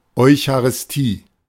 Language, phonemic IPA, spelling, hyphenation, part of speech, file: German, /ˌɔʏ̯çaʁɪsˈtiː/, Eucharistie, Eu‧cha‧ris‧tie, noun, De-Eucharistie.oga
- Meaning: Eucharist (sacrament)